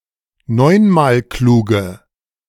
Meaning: inflection of neunmalklug: 1. strong/mixed nominative/accusative feminine singular 2. strong nominative/accusative plural 3. weak nominative all-gender singular
- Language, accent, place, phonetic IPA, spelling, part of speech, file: German, Germany, Berlin, [ˈnɔɪ̯nmaːlˌkluːɡə], neunmalkluge, adjective, De-neunmalkluge.ogg